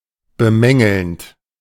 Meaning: present participle of bemängeln
- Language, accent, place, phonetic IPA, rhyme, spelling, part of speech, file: German, Germany, Berlin, [bəˈmɛŋl̩nt], -ɛŋl̩nt, bemängelnd, verb, De-bemängelnd.ogg